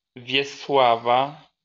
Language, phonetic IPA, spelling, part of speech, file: Polish, [ˈvʲjɛswafa], Wiesława, proper noun / noun, LL-Q809 (pol)-Wiesława.wav